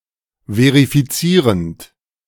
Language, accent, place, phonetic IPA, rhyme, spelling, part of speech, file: German, Germany, Berlin, [ˌveʁifiˈt͡siːʁənt], -iːʁənt, verifizierend, verb, De-verifizierend.ogg
- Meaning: present participle of verifizieren